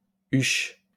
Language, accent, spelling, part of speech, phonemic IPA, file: French, France, huche, noun, /yʃ/, LL-Q150 (fra)-huche.wav
- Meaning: 1. bin 2. chest